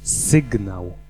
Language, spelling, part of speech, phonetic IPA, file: Polish, sygnał, noun, [ˈsɨɡnaw], Pl-sygnał.ogg